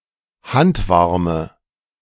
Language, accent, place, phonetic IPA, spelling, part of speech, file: German, Germany, Berlin, [ˈhantˌvaʁmə], handwarme, adjective, De-handwarme.ogg
- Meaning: inflection of handwarm: 1. strong/mixed nominative/accusative feminine singular 2. strong nominative/accusative plural 3. weak nominative all-gender singular